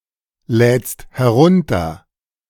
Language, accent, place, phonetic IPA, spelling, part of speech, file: German, Germany, Berlin, [ˌlɛːt͡st hɛˈʁʊntɐ], lädst herunter, verb, De-lädst herunter.ogg
- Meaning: second-person singular present of herunterladen